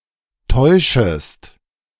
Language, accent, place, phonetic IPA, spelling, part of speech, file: German, Germany, Berlin, [ˈtɔɪ̯ʃəst], täuschest, verb, De-täuschest.ogg
- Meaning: second-person singular subjunctive I of täuschen